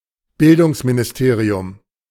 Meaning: education ministry, Ministry of Education, Department of Education
- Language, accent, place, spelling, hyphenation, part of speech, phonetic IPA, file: German, Germany, Berlin, Bildungsministerium, Bil‧dungs‧mi‧nis‧te‧ri‧um, noun, [ˈbɪldʊŋsminɪsˌteːʀiʊm], De-Bildungsministerium.ogg